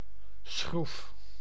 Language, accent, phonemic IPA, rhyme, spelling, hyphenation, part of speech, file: Dutch, Netherlands, /sxruf/, -uf, schroef, schroef, noun / verb, Nl-schroef.ogg
- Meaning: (noun) 1. screw (fastener) 2. a ship's propeller 3. an Archimedes screw; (verb) inflection of schroeven: 1. first-person singular present indicative 2. second-person singular present indicative